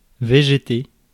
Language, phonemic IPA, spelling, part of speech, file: French, /ve.ʒe.te/, végéter, verb, Fr-végéter.ogg
- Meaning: to vegetate